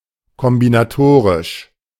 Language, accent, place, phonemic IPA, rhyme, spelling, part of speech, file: German, Germany, Berlin, /kɔmbɪnaˈtoːʁɪʃ/, -oːʁɪʃ, kombinatorisch, adjective, De-kombinatorisch.ogg
- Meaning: combinatory, combinatorial